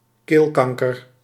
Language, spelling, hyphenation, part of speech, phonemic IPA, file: Dutch, keelkanker, keel‧kan‧ker, noun, /ˈkeːlˌkɑŋ.kər/, Nl-keelkanker.ogg
- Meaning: throat cancer